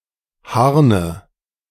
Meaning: nominative/accusative/genitive plural of Harn
- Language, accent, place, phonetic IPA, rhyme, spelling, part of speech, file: German, Germany, Berlin, [ˈhaʁnə], -aʁnə, Harne, noun, De-Harne.ogg